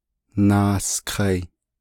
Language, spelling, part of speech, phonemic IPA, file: Navajo, naaskai, verb, /nɑ̀ːskʰɑ̀ɪ̀/, Nv-naaskai.ogg
- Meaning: third-person plural perfect active indicative of naaghá